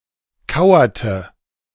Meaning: inflection of kauern: 1. first/third-person singular preterite 2. first/third-person singular subjunctive II
- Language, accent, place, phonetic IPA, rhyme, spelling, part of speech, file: German, Germany, Berlin, [ˈkaʊ̯ɐtə], -aʊ̯ɐtə, kauerte, verb, De-kauerte.ogg